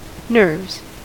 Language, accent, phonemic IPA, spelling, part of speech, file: English, US, /nɝvz/, nerves, noun / verb, En-us-nerves.ogg
- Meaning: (noun) plural of nerve; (verb) third-person singular simple present indicative of nerve